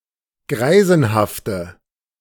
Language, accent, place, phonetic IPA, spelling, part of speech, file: German, Germany, Berlin, [ˈɡʁaɪ̯zn̩haftə], greisenhafte, adjective, De-greisenhafte.ogg
- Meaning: inflection of greisenhaft: 1. strong/mixed nominative/accusative feminine singular 2. strong nominative/accusative plural 3. weak nominative all-gender singular